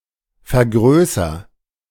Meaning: inflection of vergrößern: 1. first-person singular present 2. singular imperative
- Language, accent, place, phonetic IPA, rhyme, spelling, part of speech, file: German, Germany, Berlin, [fɛɐ̯ˈɡʁøːsɐ], -øːsɐ, vergrößer, verb, De-vergrößer.ogg